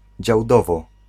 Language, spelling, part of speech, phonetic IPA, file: Polish, Działdowo, proper noun, [d͡ʑawˈdɔvɔ], Pl-Działdowo.ogg